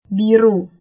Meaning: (adjective) blue (blue-colored); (noun) 1. blue (colour) 2. folds on the edges of clothes, cloth, and so on as decoration 3. red mouth from eating areca nut
- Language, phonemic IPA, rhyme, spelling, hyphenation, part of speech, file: Indonesian, /ˈbi.ru/, -ru, biru, bi‧ru, adjective / noun, Id-biru.oga